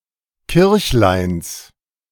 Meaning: genitive singular of Kirchlein
- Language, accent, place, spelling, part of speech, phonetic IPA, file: German, Germany, Berlin, Kirchleins, noun, [ˈkɪʁçlaɪ̯ns], De-Kirchleins.ogg